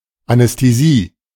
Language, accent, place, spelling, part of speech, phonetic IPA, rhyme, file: German, Germany, Berlin, Anästhesie, noun, [anɛsteˈziː], -iː, De-Anästhesie.ogg
- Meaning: anesthesia